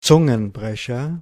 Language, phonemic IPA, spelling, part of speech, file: German, /ˈtsʊŋənˌbʁɛçɐ/, Zungenbrecher, noun, DE-Zungenbrecher.OGG
- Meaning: tongue twister